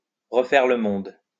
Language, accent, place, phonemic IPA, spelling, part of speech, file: French, France, Lyon, /ʁə.fɛʁ lə mɔ̃d/, refaire le monde, verb, LL-Q150 (fra)-refaire le monde.wav
- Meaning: to set the world to rights, to put the world to rights (to talk about improving the world)